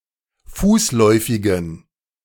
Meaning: inflection of fußläufig: 1. strong genitive masculine/neuter singular 2. weak/mixed genitive/dative all-gender singular 3. strong/weak/mixed accusative masculine singular 4. strong dative plural
- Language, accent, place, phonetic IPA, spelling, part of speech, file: German, Germany, Berlin, [ˈfuːsˌlɔɪ̯fɪɡn̩], fußläufigen, adjective, De-fußläufigen.ogg